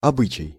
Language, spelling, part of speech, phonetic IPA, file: Russian, обычай, noun, [ɐˈbɨt͡ɕɪj], Ru-обычай.ogg
- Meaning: custom, usage (habit or accepted practice)